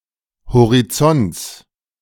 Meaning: genitive singular of Horizont
- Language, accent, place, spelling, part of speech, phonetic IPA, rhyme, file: German, Germany, Berlin, Horizonts, noun, [hoʁiˈt͡sɔnt͡s], -ɔnt͡s, De-Horizonts.ogg